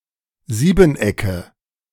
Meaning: nominative/accusative/genitive plural of Siebeneck
- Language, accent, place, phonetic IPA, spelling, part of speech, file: German, Germany, Berlin, [ˈziːbn̩ˌʔɛkə], Siebenecke, noun, De-Siebenecke.ogg